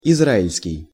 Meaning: 1. Israeli 2. Israelite
- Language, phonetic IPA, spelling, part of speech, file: Russian, [ɪzˈraɪlʲskʲɪj], израильский, adjective, Ru-израильский.ogg